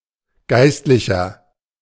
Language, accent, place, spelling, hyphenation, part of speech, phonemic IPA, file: German, Germany, Berlin, Geistlicher, Geist‧li‧cher, noun, /ˈɡaɪ̯stlɪçɐ/, De-Geistlicher.ogg
- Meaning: 1. priest, clergyman, clergyperson, cleric (male or of unspecified gender) 2. inflection of Geistliche: strong genitive/dative singular 3. inflection of Geistliche: strong genitive plural